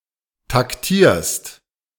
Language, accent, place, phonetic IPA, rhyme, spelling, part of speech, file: German, Germany, Berlin, [takˈtiːɐ̯st], -iːɐ̯st, taktierst, verb, De-taktierst.ogg
- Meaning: second-person singular present of taktieren